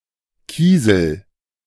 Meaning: pebble
- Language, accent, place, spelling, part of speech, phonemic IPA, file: German, Germany, Berlin, Kiesel, noun, /ˈkiːzəl/, De-Kiesel.ogg